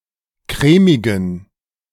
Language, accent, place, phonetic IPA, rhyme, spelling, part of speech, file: German, Germany, Berlin, [ˈkʁɛːmɪɡn̩], -ɛːmɪɡn̩, crèmigen, adjective, De-crèmigen.ogg
- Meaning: inflection of crèmig: 1. strong genitive masculine/neuter singular 2. weak/mixed genitive/dative all-gender singular 3. strong/weak/mixed accusative masculine singular 4. strong dative plural